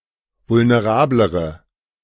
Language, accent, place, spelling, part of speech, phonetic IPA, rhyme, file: German, Germany, Berlin, vulnerablere, adjective, [vʊlneˈʁaːbləʁə], -aːbləʁə, De-vulnerablere.ogg
- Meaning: inflection of vulnerabel: 1. strong/mixed nominative/accusative feminine singular comparative degree 2. strong nominative/accusative plural comparative degree